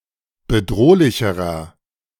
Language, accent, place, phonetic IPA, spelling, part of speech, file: German, Germany, Berlin, [bəˈdʁoːlɪçəʁɐ], bedrohlicherer, adjective, De-bedrohlicherer.ogg
- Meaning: inflection of bedrohlich: 1. strong/mixed nominative masculine singular comparative degree 2. strong genitive/dative feminine singular comparative degree 3. strong genitive plural comparative degree